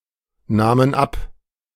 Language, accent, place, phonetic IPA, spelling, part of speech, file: German, Germany, Berlin, [ˌnaːmən ˈap], nahmen ab, verb, De-nahmen ab.ogg
- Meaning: first/third-person plural preterite of abnehmen